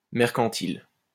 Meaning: mercantile, commercial
- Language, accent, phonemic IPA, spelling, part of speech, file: French, France, /mɛʁ.kɑ̃.til/, mercantile, adjective, LL-Q150 (fra)-mercantile.wav